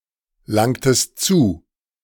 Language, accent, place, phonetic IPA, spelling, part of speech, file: German, Germany, Berlin, [ˌlaŋtəst ˈt͡suː], langtest zu, verb, De-langtest zu.ogg
- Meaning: inflection of zulangen: 1. second-person singular preterite 2. second-person singular subjunctive II